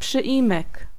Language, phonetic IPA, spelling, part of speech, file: Polish, [pʃɨˈʲĩmɛk], przyimek, noun, Pl-przyimek.ogg